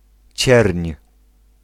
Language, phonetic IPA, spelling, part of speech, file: Polish, [t͡ɕɛrʲɲ], cierń, noun, Pl-cierń.ogg